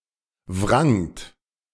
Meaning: second-person plural preterite of wringen
- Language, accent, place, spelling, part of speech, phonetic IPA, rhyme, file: German, Germany, Berlin, wrangt, verb, [vʁaŋt], -aŋt, De-wrangt.ogg